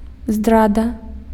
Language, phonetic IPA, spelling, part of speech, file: Belarusian, [ˈzdrada], здрада, noun, Be-здрада.ogg
- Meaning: treason